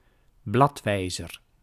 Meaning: 1. bookmark 2. index, register
- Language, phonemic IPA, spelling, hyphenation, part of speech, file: Dutch, /ˈblɑtˌʋɛi̯.zər/, bladwijzer, blad‧wij‧zer, noun, Nl-bladwijzer.ogg